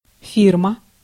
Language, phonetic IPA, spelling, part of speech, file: Russian, [ˈfʲirmə], фирма, noun, Ru-фирма.ogg
- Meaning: firm, company